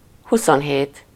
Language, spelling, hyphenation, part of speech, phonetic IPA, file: Hungarian, huszonhét, hu‧szon‧hét, numeral, [ˈhusonɦeːt], Hu-huszonhét.ogg
- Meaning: twenty-seven